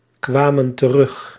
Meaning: inflection of terugkomen: 1. plural past indicative 2. plural past subjunctive
- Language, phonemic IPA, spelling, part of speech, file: Dutch, /ˈkwamə(n) t(ə)ˈrʏx/, kwamen terug, verb, Nl-kwamen terug.ogg